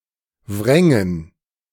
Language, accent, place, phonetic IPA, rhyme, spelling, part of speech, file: German, Germany, Berlin, [ˈvʁɛŋən], -ɛŋən, wrängen, verb, De-wrängen.ogg
- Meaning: first/third-person plural subjunctive II of wringen